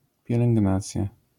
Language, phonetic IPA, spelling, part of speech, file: Polish, [ˌpʲjɛlɛ̃ŋɡˈnat͡sʲja], pielęgnacja, noun, LL-Q809 (pol)-pielęgnacja.wav